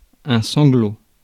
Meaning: sob
- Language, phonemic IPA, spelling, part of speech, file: French, /sɑ̃.ɡlo/, sanglot, noun, Fr-sanglot.ogg